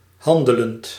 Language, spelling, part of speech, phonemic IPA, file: Dutch, handelend, verb / adjective, /ˈhɑndələnt/, Nl-handelend.ogg
- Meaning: present participle of handelen